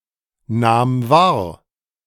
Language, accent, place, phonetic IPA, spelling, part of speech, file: German, Germany, Berlin, [ˌnaːm ˈvaːɐ̯], nahm wahr, verb, De-nahm wahr.ogg
- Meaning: first/third-person singular preterite of wahrnehmen